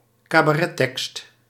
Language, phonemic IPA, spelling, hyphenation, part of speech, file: Dutch, /kaː.baːˈrɛˌtɛkst/, cabarettekst, ca‧ba‧ret‧tekst, noun, Nl-cabarettekst.ogg
- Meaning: text used in a cabaret show